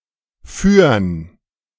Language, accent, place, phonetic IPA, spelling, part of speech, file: German, Germany, Berlin, [fyːɐ̯n], fürn, abbreviation, De-fürn.ogg
- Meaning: 1. contraction of für + den 2. contraction of für + ein 3. contraction of für + einen